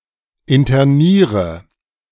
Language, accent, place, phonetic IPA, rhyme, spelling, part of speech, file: German, Germany, Berlin, [ɪntɐˈniːʁə], -iːʁə, interniere, verb, De-interniere.ogg
- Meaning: inflection of internieren: 1. first-person singular present 2. first/third-person singular subjunctive I 3. singular imperative